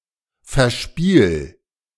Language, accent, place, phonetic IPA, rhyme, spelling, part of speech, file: German, Germany, Berlin, [fɛɐ̯ˈʃpiːl], -iːl, verspiel, verb, De-verspiel.ogg
- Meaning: 1. singular imperative of verspielen 2. first-person singular present of verspielen